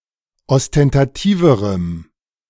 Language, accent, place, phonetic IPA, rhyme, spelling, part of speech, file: German, Germany, Berlin, [ɔstɛntaˈtiːvəʁəm], -iːvəʁəm, ostentativerem, adjective, De-ostentativerem.ogg
- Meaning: strong dative masculine/neuter singular comparative degree of ostentativ